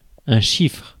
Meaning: 1. a digit i.e. 0,1,2,3,4,5,6,7,8,9 2. a number 3. figure (number) 4. cipher (method of transforming a text to conceal meaning) 5. cipher (code) 6. figure 7. monogram
- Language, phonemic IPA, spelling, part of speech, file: French, /ʃifʁ/, chiffre, noun, Fr-chiffre.ogg